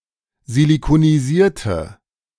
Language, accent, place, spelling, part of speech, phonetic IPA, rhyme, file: German, Germany, Berlin, silikonisierte, adjective / verb, [zilikoniˈziːɐ̯tə], -iːɐ̯tə, De-silikonisierte.ogg
- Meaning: inflection of silikonisiert: 1. strong/mixed nominative/accusative feminine singular 2. strong nominative/accusative plural 3. weak nominative all-gender singular